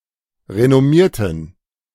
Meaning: inflection of renommieren: 1. first/third-person plural preterite 2. first/third-person plural subjunctive II
- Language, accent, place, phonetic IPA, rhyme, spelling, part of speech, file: German, Germany, Berlin, [ʁenɔˈmiːɐ̯tn̩], -iːɐ̯tn̩, renommierten, adjective / verb, De-renommierten.ogg